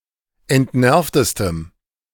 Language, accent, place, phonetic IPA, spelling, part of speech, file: German, Germany, Berlin, [ɛntˈnɛʁftəstəm], entnervtestem, adjective, De-entnervtestem.ogg
- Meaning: strong dative masculine/neuter singular superlative degree of entnervt